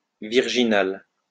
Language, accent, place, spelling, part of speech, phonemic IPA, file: French, France, Lyon, virginal, adjective / noun, /viʁ.ʒi.nal/, LL-Q150 (fra)-virginal.wav
- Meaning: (adjective) virginal